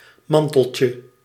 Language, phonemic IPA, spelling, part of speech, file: Dutch, /ˈmɑntəlcə/, manteltje, noun, Nl-manteltje.ogg
- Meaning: diminutive of mantel